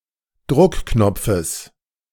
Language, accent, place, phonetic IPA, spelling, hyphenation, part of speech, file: German, Germany, Berlin, [ˈdʁʊkˌknɔp͡fəs], Druckknopfes, Druck‧knop‧fes, noun, De-Druckknopfes.ogg
- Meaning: genitive singular of Druckknopf